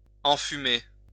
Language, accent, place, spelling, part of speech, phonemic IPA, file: French, France, Lyon, enfumer, verb, /ɑ̃.fy.me/, LL-Q150 (fra)-enfumer.wav
- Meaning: 1. to smoke, smoke out 2. to smoke up